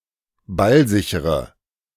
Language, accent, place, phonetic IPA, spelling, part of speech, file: German, Germany, Berlin, [ˈbalˌzɪçəʁə], ballsichere, adjective, De-ballsichere.ogg
- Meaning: inflection of ballsicher: 1. strong/mixed nominative/accusative feminine singular 2. strong nominative/accusative plural 3. weak nominative all-gender singular